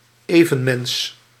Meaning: fellow human
- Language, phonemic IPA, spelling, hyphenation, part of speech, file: Dutch, /ˈeː.və(n)ˌmɛns/, evenmens, even‧mens, noun, Nl-evenmens.ogg